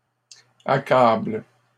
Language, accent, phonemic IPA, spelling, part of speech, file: French, Canada, /a.kabl/, accable, verb, LL-Q150 (fra)-accable.wav
- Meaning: inflection of accabler: 1. first/third-person singular present indicative/subjunctive 2. second-person singular imperative